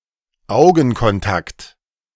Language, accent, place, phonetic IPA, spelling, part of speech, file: German, Germany, Berlin, [ˈaʊ̯ɡn̩kɔnˌtakt], Augenkontakt, noun, De-Augenkontakt.ogg
- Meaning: eye contact